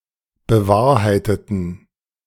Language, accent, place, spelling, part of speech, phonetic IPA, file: German, Germany, Berlin, bewahrheiteten, verb, [bəˈvaːɐ̯haɪ̯tətn̩], De-bewahrheiteten.ogg
- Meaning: inflection of bewahrheiten: 1. first/third-person plural preterite 2. first/third-person plural subjunctive II